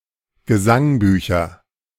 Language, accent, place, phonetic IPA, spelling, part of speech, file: German, Germany, Berlin, [ɡəˈzaŋˌbyːçɐ], Gesangbücher, noun, De-Gesangbücher.ogg
- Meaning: nominative/accusative/genitive plural of Gesangbuch